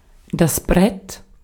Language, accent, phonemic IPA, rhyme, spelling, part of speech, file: German, Austria, /bʁɛt/, -ɛt, Brett, noun, De-at-Brett.ogg
- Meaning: 1. board, plank 2. energetic, forceful track